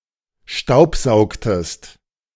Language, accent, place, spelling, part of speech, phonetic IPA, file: German, Germany, Berlin, staubsaugtest, verb, [ˈʃtaʊ̯pˌzaʊ̯ktəst], De-staubsaugtest.ogg
- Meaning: inflection of staubsaugen: 1. second-person singular preterite 2. second-person singular subjunctive II